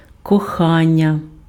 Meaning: 1. love (strong affection) 2. affection 3. (love affair): amours, amour 4. lover 5. (darling, sweetheart): baby, sweetie, sweetheart, darling, my love, pet, honey, love bird
- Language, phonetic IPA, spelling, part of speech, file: Ukrainian, [kɔˈxanʲːɐ], кохання, noun, Uk-кохання.ogg